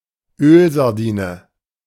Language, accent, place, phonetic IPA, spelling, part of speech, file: German, Germany, Berlin, [ˈøːlzaʁˌdiːnə], Ölsardine, noun, De-Ölsardine.ogg
- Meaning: sardine in oil